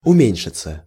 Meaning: to diminish, to decrease
- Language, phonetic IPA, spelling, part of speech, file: Russian, [ʊˈmʲenʲʂɨt͡sə], уменьшиться, verb, Ru-уменьшиться.ogg